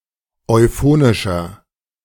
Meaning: 1. comparative degree of euphonisch 2. inflection of euphonisch: strong/mixed nominative masculine singular 3. inflection of euphonisch: strong genitive/dative feminine singular
- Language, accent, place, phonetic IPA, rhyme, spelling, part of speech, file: German, Germany, Berlin, [ɔɪ̯ˈfoːnɪʃɐ], -oːnɪʃɐ, euphonischer, adjective, De-euphonischer.ogg